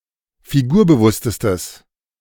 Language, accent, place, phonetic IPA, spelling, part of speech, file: German, Germany, Berlin, [fiˈɡuːɐ̯bəˌvʊstəstəs], figurbewusstestes, adjective, De-figurbewusstestes.ogg
- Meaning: strong/mixed nominative/accusative neuter singular superlative degree of figurbewusst